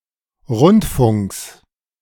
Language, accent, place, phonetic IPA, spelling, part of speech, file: German, Germany, Berlin, [ˈʁʊntˌfʊŋks], Rundfunks, noun, De-Rundfunks.ogg
- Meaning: genitive singular of Rundfunk